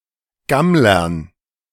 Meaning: dative plural of Gammler
- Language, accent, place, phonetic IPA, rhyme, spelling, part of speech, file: German, Germany, Berlin, [ˈɡamlɐn], -amlɐn, Gammlern, noun, De-Gammlern.ogg